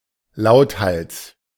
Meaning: at the top of one's voice (especially in the context of singing)
- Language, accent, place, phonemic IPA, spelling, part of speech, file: German, Germany, Berlin, /ˈlaʊ̯tˌhals/, lauthals, adverb, De-lauthals.ogg